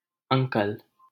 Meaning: 1. uncle 2. respectful form of address for any elder man
- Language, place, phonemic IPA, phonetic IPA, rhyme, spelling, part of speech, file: Hindi, Delhi, /əŋ.kəl/, [ɐ̃ŋ.kɐl], -əl, अंकल, noun, LL-Q1568 (hin)-अंकल.wav